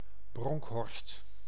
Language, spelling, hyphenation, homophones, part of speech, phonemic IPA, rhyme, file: Dutch, Bronckhorst, Bronck‧horst, Bronkhorst, proper noun, /ˈbrɔŋk.ɦɔrst/, -ɔrst, Nl-Bronckhorst.ogg
- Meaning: Bronckhorst (a municipality of Gelderland, Netherlands)